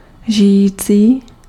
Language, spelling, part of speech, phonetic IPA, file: Czech, žijící, adjective, [ˈʒɪjiːt͡siː], Cs-žijící.ogg
- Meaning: living